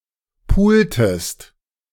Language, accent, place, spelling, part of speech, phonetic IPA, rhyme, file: German, Germany, Berlin, pultest, verb, [ˈpuːltəst], -uːltəst, De-pultest.ogg
- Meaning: inflection of pulen: 1. second-person singular preterite 2. second-person singular subjunctive II